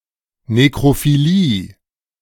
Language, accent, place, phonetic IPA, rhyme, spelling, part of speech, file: German, Germany, Berlin, [ˌnekʁofiˈliː], -iː, Nekrophilie, noun, De-Nekrophilie.ogg
- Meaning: necrophilia